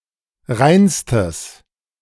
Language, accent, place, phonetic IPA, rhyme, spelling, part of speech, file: German, Germany, Berlin, [ˈʁaɪ̯nstəs], -aɪ̯nstəs, reinstes, adjective, De-reinstes.ogg
- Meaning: strong/mixed nominative/accusative neuter singular superlative degree of rein